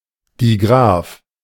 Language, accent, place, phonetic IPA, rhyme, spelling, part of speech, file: German, Germany, Berlin, [diˈɡʁaːf], -aːf, Digraph, noun, De-Digraph.ogg
- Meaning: 1. digraph 2. digraph; directed graph